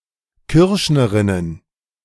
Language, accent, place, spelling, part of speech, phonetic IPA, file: German, Germany, Berlin, Kürschnerinnen, noun, [ˈkʏʁʃnəʁɪnən], De-Kürschnerinnen.ogg
- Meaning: plural of Kürschnerin